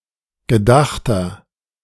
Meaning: inflection of gedacht: 1. strong/mixed nominative masculine singular 2. strong genitive/dative feminine singular 3. strong genitive plural
- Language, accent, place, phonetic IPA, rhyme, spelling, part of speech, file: German, Germany, Berlin, [ɡəˈdaxtɐ], -axtɐ, gedachter, adjective, De-gedachter.ogg